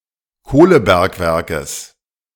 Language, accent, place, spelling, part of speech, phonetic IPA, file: German, Germany, Berlin, Kohlebergwerkes, noun, [ˈkoːləˌbɛʁkvɛʁkəs], De-Kohlebergwerkes.ogg
- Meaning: genitive singular of Kohlebergwerk